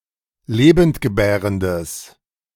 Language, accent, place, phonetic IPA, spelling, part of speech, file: German, Germany, Berlin, [ˈleːbəntɡəˌbɛːʁəndəs], lebendgebärendes, adjective, De-lebendgebärendes.ogg
- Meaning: strong/mixed nominative/accusative neuter singular of lebendgebärend